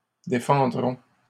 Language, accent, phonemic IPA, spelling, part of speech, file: French, Canada, /de.fɑ̃.dʁɔ̃/, défendront, verb, LL-Q150 (fra)-défendront.wav
- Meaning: third-person plural future of défendre